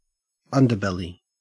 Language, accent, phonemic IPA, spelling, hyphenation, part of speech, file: English, Australia, /ˈan.dəˌbel.i/, underbelly, un‧der‧bel‧ly, noun, En-au-underbelly.ogg
- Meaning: 1. The underside of an animal 2. The underside of any thing 3. The side which is not normally seen, normally a dark, immoral place